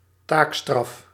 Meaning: community service as a penal measure
- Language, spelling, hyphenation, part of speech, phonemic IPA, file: Dutch, taakstraf, taak‧straf, noun, /ˈtaːk.strɑf/, Nl-taakstraf.ogg